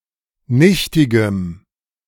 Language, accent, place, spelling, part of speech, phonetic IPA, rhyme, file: German, Germany, Berlin, nichtigem, adjective, [ˈnɪçtɪɡəm], -ɪçtɪɡəm, De-nichtigem.ogg
- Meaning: strong dative masculine/neuter singular of nichtig